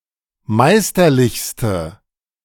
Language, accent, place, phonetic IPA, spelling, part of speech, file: German, Germany, Berlin, [ˈmaɪ̯stɐˌlɪçstə], meisterlichste, adjective, De-meisterlichste.ogg
- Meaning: inflection of meisterlich: 1. strong/mixed nominative/accusative feminine singular superlative degree 2. strong nominative/accusative plural superlative degree